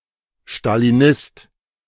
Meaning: Stalinist (male or of unspecified gender)
- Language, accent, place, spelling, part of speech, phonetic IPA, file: German, Germany, Berlin, Stalinist, noun, [ʃtaliˈnɪst], De-Stalinist.ogg